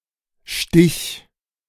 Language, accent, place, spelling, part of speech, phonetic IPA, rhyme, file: German, Germany, Berlin, stich, verb, [ʃtɪç], -ɪç, De-stich.ogg
- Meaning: singular imperative of stechen